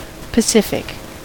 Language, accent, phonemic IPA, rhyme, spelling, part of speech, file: English, US, /pəˈsɪfɪk/, -ɪfɪk, pacific, adjective, En-us-pacific.ogg
- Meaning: 1. Calm, peaceful 2. Preferring peace by nature; avoiding violence